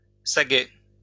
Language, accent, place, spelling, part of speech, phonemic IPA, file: French, France, Lyon, sagaie, noun, /sa.ɡɛ/, LL-Q150 (fra)-sagaie.wav
- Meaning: assegai (slim hardwood spear or javelin with an iron tip)